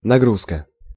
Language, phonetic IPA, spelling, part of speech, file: Russian, [nɐˈɡruskə], нагрузка, noun, Ru-нагрузка.ogg
- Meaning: 1. loading 2. load, workload 3. load 4. condition, stipulation (especially to purchase something) 5. a burden